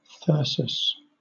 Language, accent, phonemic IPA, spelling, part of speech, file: English, Southern England, /ˈθɜːsəs/, thyrsus, noun, LL-Q1860 (eng)-thyrsus.wav
- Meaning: 1. A staff topped with a conical ornament, carried by Bacchus or his followers 2. A species of inflorescence; a dense panicle, as in the lilac and horse-chestnut